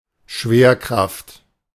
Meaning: gravitation, gravity
- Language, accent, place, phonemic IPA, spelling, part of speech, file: German, Germany, Berlin, /ˈʃveːɐ̯ˌkʁaft/, Schwerkraft, noun, De-Schwerkraft.ogg